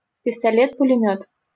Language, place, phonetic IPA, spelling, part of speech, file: Russian, Saint Petersburg, [pʲɪstɐˈlʲet pʊlʲɪˈmʲɵt], пистолет-пулемёт, noun, LL-Q7737 (rus)-пистолет-пулемёт.wav
- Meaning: submachine gun (short range machine gun)